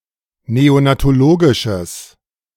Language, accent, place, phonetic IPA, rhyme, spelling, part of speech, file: German, Germany, Berlin, [ˌneonatoˈloːɡɪʃəs], -oːɡɪʃəs, neonatologisches, adjective, De-neonatologisches.ogg
- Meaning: strong/mixed nominative/accusative neuter singular of neonatologisch